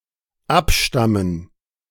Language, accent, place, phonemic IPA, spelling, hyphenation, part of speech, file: German, Germany, Berlin, /ˈapˌʃtamən/, abstammen, ab‧stam‧men, verb, De-abstammen.ogg
- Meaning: 1. to descend 2. to stem 3. to derive